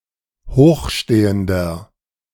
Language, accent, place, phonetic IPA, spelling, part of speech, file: German, Germany, Berlin, [ˈhoːxˌʃteːəndɐ], hochstehender, adjective, De-hochstehender.ogg
- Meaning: inflection of hochstehend: 1. strong/mixed nominative masculine singular 2. strong genitive/dative feminine singular 3. strong genitive plural